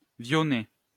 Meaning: small street or lane
- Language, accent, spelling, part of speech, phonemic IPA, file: French, France, vionnet, noun, /vjɔ.nɛ/, LL-Q150 (fra)-vionnet.wav